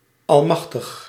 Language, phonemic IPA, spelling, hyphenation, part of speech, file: Dutch, /ˌɑlˈmɑx.təx/, almachtig, al‧mach‧tig, adjective, Nl-almachtig.ogg
- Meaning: 1. almighty, omnipotent 2. (the most) mighty, in (almost total) control